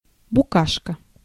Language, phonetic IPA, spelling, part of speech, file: Russian, [bʊˈkaʂkə], букашка, noun, Ru-букашка.ogg
- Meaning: 1. bug, insect 2. someone insignificant